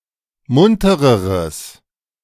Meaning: strong/mixed nominative/accusative neuter singular comparative degree of munter
- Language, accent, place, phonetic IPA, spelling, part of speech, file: German, Germany, Berlin, [ˈmʊntəʁəʁəs], muntereres, adjective, De-muntereres.ogg